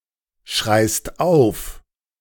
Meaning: second-person singular present of aufschreien
- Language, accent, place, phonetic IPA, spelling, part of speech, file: German, Germany, Berlin, [ˌʃʁaɪ̯st ˈaʊ̯f], schreist auf, verb, De-schreist auf.ogg